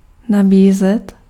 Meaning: 1. to offer 2. to market (to make products available for sale and promoting them)
- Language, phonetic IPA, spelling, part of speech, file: Czech, [ˈnabiːzɛt], nabízet, verb, Cs-nabízet.ogg